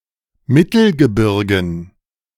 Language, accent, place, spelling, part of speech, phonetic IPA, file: German, Germany, Berlin, Mittelgebirgen, noun, [ˈmɪtl̩ɡəˌbɪʁɡn̩], De-Mittelgebirgen.ogg
- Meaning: dative plural of Mittelgebirge